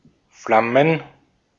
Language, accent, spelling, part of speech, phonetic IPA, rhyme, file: German, Austria, Flammen, noun, [ˈflamən], -amən, De-at-Flammen.ogg
- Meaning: plural of Flamme "flames"